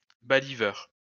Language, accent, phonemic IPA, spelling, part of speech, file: French, France, /ba.li.vœʁ/, baliveur, noun, LL-Q150 (fra)-baliveur.wav
- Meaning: someone who staddles trees